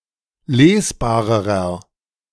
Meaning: inflection of lesbar: 1. strong/mixed nominative masculine singular comparative degree 2. strong genitive/dative feminine singular comparative degree 3. strong genitive plural comparative degree
- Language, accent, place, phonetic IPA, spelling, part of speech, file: German, Germany, Berlin, [ˈleːsˌbaːʁəʁɐ], lesbarerer, adjective, De-lesbarerer.ogg